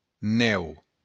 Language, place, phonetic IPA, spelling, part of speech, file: Occitan, Béarn, [ˈnɛw], nèu, noun, LL-Q14185 (oci)-nèu.wav
- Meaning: snow